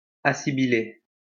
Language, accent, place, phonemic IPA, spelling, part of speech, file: French, France, Lyon, /a.si.bi.le/, assibiler, verb, LL-Q150 (fra)-assibiler.wav
- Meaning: to assibilate